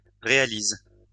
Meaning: inflection of réaliser: 1. first/third-person singular present indicative/subjunctive 2. second-person singular imperative
- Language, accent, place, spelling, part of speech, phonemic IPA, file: French, France, Lyon, réalise, verb, /ʁe.a.liz/, LL-Q150 (fra)-réalise.wav